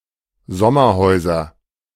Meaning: nominative/accusative/genitive plural of Sommerhaus
- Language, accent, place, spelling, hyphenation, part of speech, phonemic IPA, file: German, Germany, Berlin, Sommerhäuser, Som‧mer‧häu‧ser, noun, /ˈzɔmɐˌhɔɪ̯zɐ/, De-Sommerhäuser.ogg